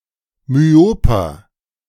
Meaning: inflection of myop: 1. strong/mixed nominative masculine singular 2. strong genitive/dative feminine singular 3. strong genitive plural
- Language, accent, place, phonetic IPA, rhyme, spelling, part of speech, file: German, Germany, Berlin, [myˈoːpɐ], -oːpɐ, myoper, adjective, De-myoper.ogg